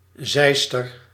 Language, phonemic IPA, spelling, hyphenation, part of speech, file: Dutch, /ˈzɛi̯s.tər/, Zeister, Zeis‧ter, adjective / noun, Nl-Zeister.ogg
- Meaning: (adjective) 1. of, from or pertaining to Zeist 2. Moravian, pertaining to the Moravian Church; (noun) 1. someone from Zeist 2. a Moravian, a member of the Moravian Church